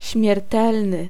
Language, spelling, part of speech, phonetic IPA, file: Polish, śmiertelny, adjective / noun, [ɕmʲjɛrˈtɛlnɨ], Pl-śmiertelny.ogg